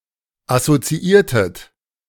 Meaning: inflection of assoziieren: 1. second-person plural preterite 2. second-person plural subjunctive II
- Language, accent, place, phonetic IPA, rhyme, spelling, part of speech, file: German, Germany, Berlin, [asot͡siˈiːɐ̯tət], -iːɐ̯tət, assoziiertet, verb, De-assoziiertet.ogg